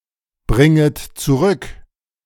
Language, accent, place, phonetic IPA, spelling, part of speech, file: German, Germany, Berlin, [ˌbʁɪŋət t͡suˈʁʏk], bringet zurück, verb, De-bringet zurück.ogg
- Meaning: second-person plural subjunctive I of zurückbringen